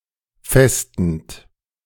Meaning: present participle of festen
- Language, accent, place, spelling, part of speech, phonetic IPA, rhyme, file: German, Germany, Berlin, festend, verb, [ˈfɛstn̩t], -ɛstn̩t, De-festend.ogg